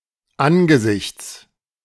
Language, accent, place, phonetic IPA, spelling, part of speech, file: German, Germany, Berlin, [ˈanɡəˌzɪçt͡s], Angesichts, noun, De-Angesichts.ogg
- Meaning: genitive singular of Angesicht